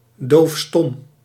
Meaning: deaf-mute
- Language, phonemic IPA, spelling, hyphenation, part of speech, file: Dutch, /doːfˈstɔm/, doofstom, doof‧stom, adjective, Nl-doofstom.ogg